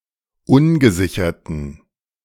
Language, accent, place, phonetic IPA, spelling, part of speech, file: German, Germany, Berlin, [ˈʊnɡəˌzɪçɐtn̩], ungesicherten, adjective, De-ungesicherten.ogg
- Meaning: inflection of ungesichert: 1. strong genitive masculine/neuter singular 2. weak/mixed genitive/dative all-gender singular 3. strong/weak/mixed accusative masculine singular 4. strong dative plural